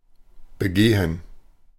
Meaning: 1. to commit, perpetrate (a crime, an offense) 2. to walk, to walk on, to use 3. to visit, to inspect 4. to celebrate
- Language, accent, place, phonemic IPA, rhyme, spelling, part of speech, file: German, Germany, Berlin, /bəˈɡeːən/, -eːən, begehen, verb, De-begehen.ogg